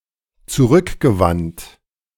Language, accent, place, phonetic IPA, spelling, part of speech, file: German, Germany, Berlin, [t͡suˈʁʏkɡəˌvant], zurückgewandt, verb, De-zurückgewandt.ogg
- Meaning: past participle of zurückwenden